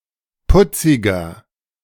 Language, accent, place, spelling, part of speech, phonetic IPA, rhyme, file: German, Germany, Berlin, putziger, adjective, [ˈpʊt͡sɪɡɐ], -ʊt͡sɪɡɐ, De-putziger.ogg
- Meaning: 1. comparative degree of putzig 2. inflection of putzig: strong/mixed nominative masculine singular 3. inflection of putzig: strong genitive/dative feminine singular